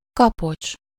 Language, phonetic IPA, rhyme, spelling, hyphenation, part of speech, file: Hungarian, [ˈkɒpot͡ʃ], -ot͡ʃ, kapocs, ka‧pocs, noun, Hu-kapocs.ogg
- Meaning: 1. hook, clamp, clip (paper), buckle (belt) 2. tie, bond, link